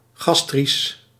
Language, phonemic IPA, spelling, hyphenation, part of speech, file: Dutch, /ˈɣɑs.tris/, gastrisch, gas‧trisch, adjective, Nl-gastrisch.ogg
- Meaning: gastric